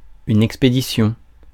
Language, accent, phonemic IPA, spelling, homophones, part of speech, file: French, France, /ɛk.spe.di.sjɔ̃/, expédition, expéditions, noun, Fr-expédition.ogg
- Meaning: 1. the act of expediting or hurrying 2. expedition, excursion 3. shipping, delivery of goods